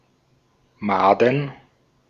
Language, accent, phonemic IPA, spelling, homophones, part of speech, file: German, Austria, /ˈmaːdən/, Maden, Mahden, noun, De-at-Maden.ogg
- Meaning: plural of Made